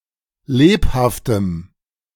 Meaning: strong dative masculine/neuter singular of lebhaft
- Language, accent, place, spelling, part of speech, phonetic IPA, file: German, Germany, Berlin, lebhaftem, adjective, [ˈleːphaftəm], De-lebhaftem.ogg